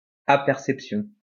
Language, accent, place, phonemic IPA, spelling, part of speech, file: French, France, Lyon, /a.pɛʁ.sɛp.sjɔ̃/, aperception, noun, LL-Q150 (fra)-aperception.wav
- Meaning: apperception